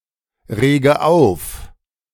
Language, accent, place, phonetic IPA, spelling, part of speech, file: German, Germany, Berlin, [ˌʁeːɡə ˈaʊ̯f], rege auf, verb, De-rege auf.ogg
- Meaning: inflection of aufregen: 1. first-person singular present 2. first/third-person singular subjunctive I 3. singular imperative